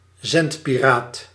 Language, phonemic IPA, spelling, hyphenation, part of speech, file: Dutch, /ˈzɛnt.piˌraːt/, zendpiraat, zend‧pi‧raat, noun, Nl-zendpiraat.ogg
- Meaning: radio or television pirate